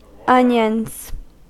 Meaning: plural of onion
- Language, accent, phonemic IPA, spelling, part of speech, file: English, US, /ˈʌn.jənz/, onions, noun, En-us-onions.ogg